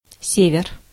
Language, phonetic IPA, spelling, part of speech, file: Russian, [ˈsʲevʲɪr], север, noun, Ru-север.ogg
- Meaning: 1. north 2. North (northern part of any region) 3. Arctic (northern parts of Russia)